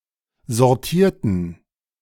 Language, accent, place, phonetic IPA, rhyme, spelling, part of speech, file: German, Germany, Berlin, [zɔʁˈtiːɐ̯tn̩], -iːɐ̯tn̩, sortierten, adjective / verb, De-sortierten.ogg
- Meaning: inflection of sortieren: 1. first/third-person plural preterite 2. first/third-person plural subjunctive II